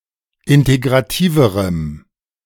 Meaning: strong dative masculine/neuter singular comparative degree of integrativ
- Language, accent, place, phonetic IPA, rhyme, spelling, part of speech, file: German, Germany, Berlin, [ˌɪnteɡʁaˈtiːvəʁəm], -iːvəʁəm, integrativerem, adjective, De-integrativerem.ogg